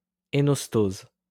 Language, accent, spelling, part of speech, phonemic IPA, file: French, France, énostose, noun, /e.nɔs.toz/, LL-Q150 (fra)-énostose.wav
- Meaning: enostosis